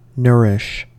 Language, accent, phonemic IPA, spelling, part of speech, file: English, US, /ˈnɝ.ɪʃ/, nourish, noun / verb, En-us-nourish.ogg
- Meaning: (noun) A nurse; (verb) 1. To feed and cause to grow; to supply with food or other matter which increases weight and promotes health 2. To support; to maintain; to be responsible for